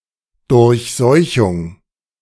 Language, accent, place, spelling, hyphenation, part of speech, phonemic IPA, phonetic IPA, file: German, Germany, Berlin, Durchseuchung, Durch‧seu‧chung, noun, /ˌdʊʁçˈzɔɪ̯çʊŋ/, [dʊʁçˈzɔɪ̯çʊŋ], De-Durchseuchung.ogg
- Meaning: prevalence of an infection